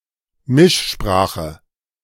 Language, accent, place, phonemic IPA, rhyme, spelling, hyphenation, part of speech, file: German, Germany, Berlin, /ˈmɪʃˌʃpʁaːxə/, -aːxə, Mischsprache, Misch‧spra‧che, noun, De-Mischsprache.ogg
- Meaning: mixed language